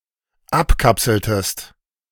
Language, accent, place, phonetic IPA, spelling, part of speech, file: German, Germany, Berlin, [ˈapˌkapsl̩təst], abkapseltest, verb, De-abkapseltest.ogg
- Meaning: inflection of abkapseln: 1. second-person singular dependent preterite 2. second-person singular dependent subjunctive II